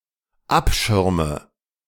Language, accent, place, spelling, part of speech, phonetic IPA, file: German, Germany, Berlin, abschirme, verb, [ˈapˌʃɪʁmə], De-abschirme.ogg
- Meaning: inflection of abschirmen: 1. first-person singular dependent present 2. first/third-person singular dependent subjunctive I